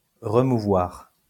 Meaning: to move
- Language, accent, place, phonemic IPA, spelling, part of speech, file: French, France, Lyon, /ʁə.mu.vwaʁ/, remouvoir, verb, LL-Q150 (fra)-remouvoir.wav